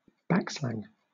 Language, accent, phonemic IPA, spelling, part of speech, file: English, Southern England, /ˈbækslæŋ/, backslang, noun, LL-Q1860 (eng)-backslang.wav
- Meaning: 1. A form of slang composed of words whose spelling or sound is reversed 2. A form of slang composed of words whose spelling or sound is reversed.: Pig Latin